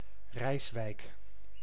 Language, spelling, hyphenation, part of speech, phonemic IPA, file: Dutch, Rijswijk, Rijs‧wijk, proper noun, /ˈrɛi̯s.ʋɛi̯k/, Nl-Rijswijk.ogg
- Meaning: 1. a town and municipality of South Holland, Netherlands, to the south of The Hague 2. a village and former municipality of Altena, North Brabant, Netherlands